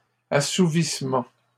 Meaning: 1. satisfaction 2. appeasing
- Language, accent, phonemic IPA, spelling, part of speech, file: French, Canada, /a.su.vis.mɑ̃/, assouvissement, noun, LL-Q150 (fra)-assouvissement.wav